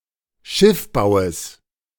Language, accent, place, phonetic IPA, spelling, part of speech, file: German, Germany, Berlin, [ˈʃɪfˌbaʊ̯əs], Schiffbaues, noun, De-Schiffbaues.ogg
- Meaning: genitive singular of Schiffbau